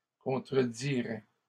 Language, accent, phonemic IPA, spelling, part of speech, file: French, Canada, /kɔ̃.tʁə.di.ʁɛ/, contredirais, verb, LL-Q150 (fra)-contredirais.wav
- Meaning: first/second-person singular conditional of contredire